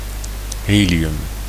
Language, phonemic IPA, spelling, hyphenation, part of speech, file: Dutch, /ˈɦeː.li.ʏm/, helium, he‧li‧um, noun, Nl-helium.ogg
- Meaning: helium